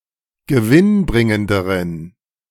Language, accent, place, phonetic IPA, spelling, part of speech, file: German, Germany, Berlin, [ɡəˈvɪnˌbʁɪŋəndəʁən], gewinnbringenderen, adjective, De-gewinnbringenderen.ogg
- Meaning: inflection of gewinnbringend: 1. strong genitive masculine/neuter singular comparative degree 2. weak/mixed genitive/dative all-gender singular comparative degree